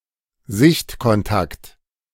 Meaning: visual contact, intervisibility
- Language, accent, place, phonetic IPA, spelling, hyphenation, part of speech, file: German, Germany, Berlin, [ˈzɪçtkɔnˌtakt], Sichtkontakt, Sicht‧kon‧takt, noun, De-Sichtkontakt.ogg